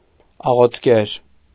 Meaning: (noun) someone who prays; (adjective) relating to prayer
- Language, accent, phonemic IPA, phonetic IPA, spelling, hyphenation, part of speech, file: Armenian, Eastern Armenian, /ɑʁotʰˈkeɾ/, [ɑʁotʰkéɾ], աղոթկեր, ա‧ղոթ‧կեր, noun / adjective, Hy-աղոթկեր.ogg